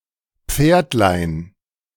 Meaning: diminutive of Pferd
- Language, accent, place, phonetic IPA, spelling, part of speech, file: German, Germany, Berlin, [ˈp͡feːɐ̯tlaɪ̯n], Pferdlein, noun, De-Pferdlein.ogg